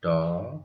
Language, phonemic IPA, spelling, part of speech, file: Odia, /ʈɔ/, ଟ, character, Or-ଟ.oga
- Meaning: The twenty-third character in the Odia abugida